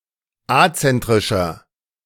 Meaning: 1. comparative degree of azentrisch 2. inflection of azentrisch: strong/mixed nominative masculine singular 3. inflection of azentrisch: strong genitive/dative feminine singular
- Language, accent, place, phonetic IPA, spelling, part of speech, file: German, Germany, Berlin, [ˈat͡sɛntʁɪʃɐ], azentrischer, adjective, De-azentrischer.ogg